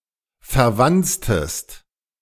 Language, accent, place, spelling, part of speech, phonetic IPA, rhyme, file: German, Germany, Berlin, verwanztest, verb, [fɛɐ̯ˈvant͡stəst], -ant͡stəst, De-verwanztest.ogg
- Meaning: inflection of verwanzen: 1. second-person singular preterite 2. second-person singular subjunctive II